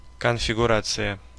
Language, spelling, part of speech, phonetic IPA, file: Russian, конфигурация, noun, [kənfʲɪɡʊˈrat͡sɨjə], Ru-конфигурация.ogg
- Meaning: configuration